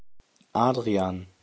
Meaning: a male given name from Latin, equivalent to English Adrian
- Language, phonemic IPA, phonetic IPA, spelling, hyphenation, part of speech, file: German, /ˈaːd.ʁi.aːn/, [ˈʔaːd.ʁi.aːn], Adrian, Ad‧ri‧an, proper noun, De-Adrian.ogg